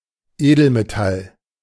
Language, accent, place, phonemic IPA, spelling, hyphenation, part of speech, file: German, Germany, Berlin, /ˈeːdl̩meˌtal/, Edelmetall, Edel‧me‧tall, noun, De-Edelmetall.ogg
- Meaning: noble metal